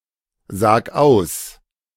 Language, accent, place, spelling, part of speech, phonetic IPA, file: German, Germany, Berlin, sag aus, verb, [ˌzaːk ˈaʊ̯s], De-sag aus.ogg
- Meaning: singular imperative of aussagen